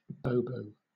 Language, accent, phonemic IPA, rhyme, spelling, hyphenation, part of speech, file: English, Southern England, /ˈboʊboʊ/, -oʊboʊ, bobo, bo‧bo, noun, LL-Q1860 (eng)-bobo.wav
- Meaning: 1. A materialistic person who affects an anti-materialistic persona 2. A self-styled bodyguard or groupie of the nouveau riche (such as a professional athlete or musician)